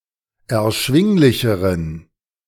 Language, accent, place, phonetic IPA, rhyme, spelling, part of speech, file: German, Germany, Berlin, [ɛɐ̯ˈʃvɪŋlɪçəʁən], -ɪŋlɪçəʁən, erschwinglicheren, adjective, De-erschwinglicheren.ogg
- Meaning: inflection of erschwinglich: 1. strong genitive masculine/neuter singular comparative degree 2. weak/mixed genitive/dative all-gender singular comparative degree